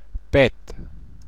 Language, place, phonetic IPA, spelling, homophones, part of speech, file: German, Bavaria, [ˈbeːtə], bete, Beete / Bete, verb, Bar-bete.oga
- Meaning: inflection of beten: 1. first-person singular present 2. singular imperative 3. first/third-person singular subjunctive I